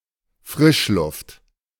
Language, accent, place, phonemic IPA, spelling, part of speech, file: German, Germany, Berlin, /ˈfʁɪʃˌlʊft/, Frischluft, noun, De-Frischluft.ogg
- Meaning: fresh air